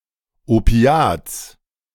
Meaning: genitive singular of Opiat
- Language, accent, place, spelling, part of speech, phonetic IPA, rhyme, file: German, Germany, Berlin, Opiats, noun, [oˈpi̯aːt͡s], -aːt͡s, De-Opiats.ogg